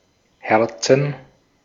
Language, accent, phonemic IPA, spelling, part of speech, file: German, Austria, /ˈhɛʁtsn̩/, Herzen, noun, De-at-Herzen.ogg
- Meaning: 1. dative singular of Herz 2. plural of Herz 3. gerund of herzen